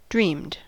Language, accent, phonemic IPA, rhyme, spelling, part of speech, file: English, US, /ˈdɹiːmd/, -iːmd, dreamed, verb, En-us-dreamed.ogg
- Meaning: simple past and past participle of dream